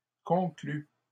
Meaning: third-person plural present indicative/subjunctive of conclure
- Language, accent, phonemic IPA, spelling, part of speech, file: French, Canada, /kɔ̃.kly/, concluent, verb, LL-Q150 (fra)-concluent.wav